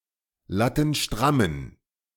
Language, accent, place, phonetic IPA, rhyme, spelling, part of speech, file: German, Germany, Berlin, [ˌlatn̩ˈʃtʁamən], -amən, lattenstrammen, adjective, De-lattenstrammen.ogg
- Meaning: inflection of lattenstramm: 1. strong genitive masculine/neuter singular 2. weak/mixed genitive/dative all-gender singular 3. strong/weak/mixed accusative masculine singular 4. strong dative plural